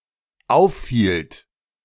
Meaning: second-person plural dependent preterite of auffallen
- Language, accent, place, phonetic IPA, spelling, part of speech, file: German, Germany, Berlin, [ˈaʊ̯fˌfiːlt], auffielt, verb, De-auffielt.ogg